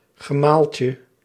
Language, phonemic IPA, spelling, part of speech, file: Dutch, /ɣəˈmalcə/, gemaaltje, noun, Nl-gemaaltje.ogg
- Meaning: diminutive of gemaal